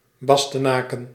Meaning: Bastogne, a town in Belgium
- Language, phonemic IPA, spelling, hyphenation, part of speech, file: Dutch, /ˈbɑs.təˌnaːkə(n)/, Bastenaken, Bas‧te‧na‧ken, proper noun, Nl-Bastenaken.ogg